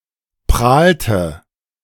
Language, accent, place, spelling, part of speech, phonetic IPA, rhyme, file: German, Germany, Berlin, prahlte, verb, [ˈpʁaːltə], -aːltə, De-prahlte.ogg
- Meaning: inflection of prahlen: 1. first/third-person singular preterite 2. first/third-person singular subjunctive II